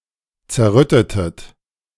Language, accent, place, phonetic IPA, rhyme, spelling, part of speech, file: German, Germany, Berlin, [t͡sɛɐ̯ˈʁʏtətət], -ʏtətət, zerrüttetet, verb, De-zerrüttetet.ogg
- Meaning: inflection of zerrütten: 1. second-person plural preterite 2. second-person plural subjunctive II